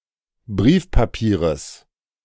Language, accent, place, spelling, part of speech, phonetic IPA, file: German, Germany, Berlin, Briefpapieres, noun, [ˈbʁiːfpaˌpiːʁəs], De-Briefpapieres.ogg
- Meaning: genitive of Briefpapier